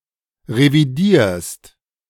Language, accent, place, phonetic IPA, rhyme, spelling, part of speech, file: German, Germany, Berlin, [ʁeviˈdiːɐ̯st], -iːɐ̯st, revidierst, verb, De-revidierst.ogg
- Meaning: second-person singular present of revidieren